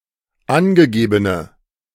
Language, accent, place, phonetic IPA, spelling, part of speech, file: German, Germany, Berlin, [ˈanɡəˌɡeːbənə], angegebene, adjective, De-angegebene.ogg
- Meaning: inflection of angegeben: 1. strong/mixed nominative/accusative feminine singular 2. strong nominative/accusative plural 3. weak nominative all-gender singular